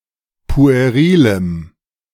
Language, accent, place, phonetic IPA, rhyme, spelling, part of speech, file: German, Germany, Berlin, [pu̯eˈʁiːləm], -iːləm, puerilem, adjective, De-puerilem.ogg
- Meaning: strong dative masculine/neuter singular of pueril